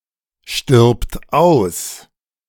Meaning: third-person singular present of aussterben
- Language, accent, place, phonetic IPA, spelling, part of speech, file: German, Germany, Berlin, [ˌʃtɪʁpt ˈaʊ̯s], stirbt aus, verb, De-stirbt aus.ogg